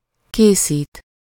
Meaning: to make, prepare, construct
- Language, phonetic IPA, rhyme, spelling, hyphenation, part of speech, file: Hungarian, [ˈkeːsiːt], -iːt, készít, ké‧szít, verb, Hu-készít.ogg